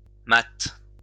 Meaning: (adjective) feminine singular of mat; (verb) inflection of mater: 1. first/third-person singular present indicative/subjunctive 2. second-person singular imperative
- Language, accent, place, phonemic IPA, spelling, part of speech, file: French, France, Lyon, /mat/, mate, adjective / verb, LL-Q150 (fra)-mate.wav